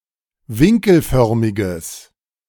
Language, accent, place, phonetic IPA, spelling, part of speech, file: German, Germany, Berlin, [ˈvɪŋkl̩ˌfœʁmɪɡəs], winkelförmiges, adjective, De-winkelförmiges.ogg
- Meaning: strong/mixed nominative/accusative neuter singular of winkelförmig